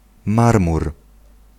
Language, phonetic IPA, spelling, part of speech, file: Polish, [ˈmarmur], marmur, noun, Pl-marmur.ogg